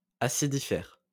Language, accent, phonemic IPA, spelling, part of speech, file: French, France, /a.si.di.fɛʁ/, acidifère, adjective, LL-Q150 (fra)-acidifère.wav
- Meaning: acidiferous